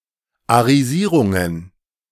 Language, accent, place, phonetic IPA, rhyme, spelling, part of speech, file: German, Germany, Berlin, [aʁiˈziːʁʊŋən], -iːʁʊŋən, Arisierungen, noun, De-Arisierungen.ogg
- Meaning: plural of Arisierung